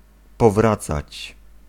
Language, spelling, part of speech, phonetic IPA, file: Polish, powracać, verb, [pɔˈvrat͡sat͡ɕ], Pl-powracać.ogg